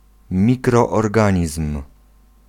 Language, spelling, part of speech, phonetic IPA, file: Polish, mikroorganizm, noun, [ˌmʲikrɔːrˈɡãɲism̥], Pl-mikroorganizm.ogg